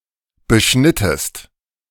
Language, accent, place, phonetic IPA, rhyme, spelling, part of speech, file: German, Germany, Berlin, [bəˈʃnɪtəst], -ɪtəst, beschnittest, verb, De-beschnittest.ogg
- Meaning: inflection of beschneiden: 1. second-person singular preterite 2. second-person singular subjunctive II